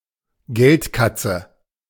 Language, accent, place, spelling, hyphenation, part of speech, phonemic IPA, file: German, Germany, Berlin, Geldkatze, Geld‧katze, noun, /ˈɡɛltˌkat͡sə/, De-Geldkatze.ogg
- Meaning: money belt